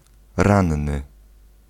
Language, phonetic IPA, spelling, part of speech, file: Polish, [ˈrãnːɨ], ranny, adjective / noun, Pl-ranny.ogg